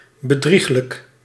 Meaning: 1. deceitful (regarding one's character) 2. fraudulent (regarding one's practices) 3. deceptive (regarding one's looks) 4. fallacious
- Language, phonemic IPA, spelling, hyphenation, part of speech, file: Dutch, /bəˈdrix.lək/, bedrieglijk, be‧drieg‧lijk, adjective, Nl-bedrieglijk.ogg